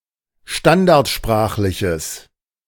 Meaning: strong/mixed nominative/accusative neuter singular of standardsprachlich
- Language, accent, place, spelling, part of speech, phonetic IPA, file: German, Germany, Berlin, standardsprachliches, adjective, [ˈʃtandaʁtˌʃpʁaːxlɪçəs], De-standardsprachliches.ogg